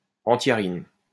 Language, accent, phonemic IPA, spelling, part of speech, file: French, France, /ɑ̃.tja.ʁin/, antiarine, noun, LL-Q150 (fra)-antiarine.wav
- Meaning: antiarin